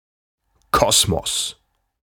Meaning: cosmos
- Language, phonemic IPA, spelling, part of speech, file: German, /ˈkɔsmɔs/, Kosmos, noun, De-Kosmos.ogg